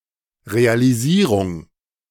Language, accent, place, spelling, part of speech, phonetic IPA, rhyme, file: German, Germany, Berlin, Realisierung, noun, [ʁealiˈziːʁʊŋ], -iːʁʊŋ, De-Realisierung.ogg
- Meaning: realization, implementation (carrying out)